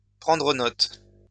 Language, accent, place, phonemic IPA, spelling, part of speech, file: French, France, Lyon, /pʁɑ̃.dʁə nɔt/, prendre note, verb, LL-Q150 (fra)-prendre note.wav
- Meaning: 1. to take notice of, to take heed of, to note 2. to jot down, to note down, to write down